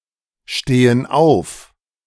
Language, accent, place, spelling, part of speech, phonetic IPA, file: German, Germany, Berlin, stehen auf, verb, [ˌʃteːən ˈaʊ̯f], De-stehen auf.ogg
- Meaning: inflection of aufstehen: 1. first/third-person plural present 2. first/third-person plural subjunctive I